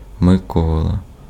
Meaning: a male given name, Mykola, equivalent to English Nicholas
- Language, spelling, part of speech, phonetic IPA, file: Ukrainian, Микола, proper noun, [meˈkɔɫɐ], Uk-Микола.ogg